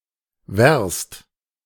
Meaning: verst (old Russian unit of length, roughly equivalent to a kilometre)
- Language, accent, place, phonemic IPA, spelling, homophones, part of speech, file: German, Germany, Berlin, /vɛrst/, Werst, wärst, noun, De-Werst.ogg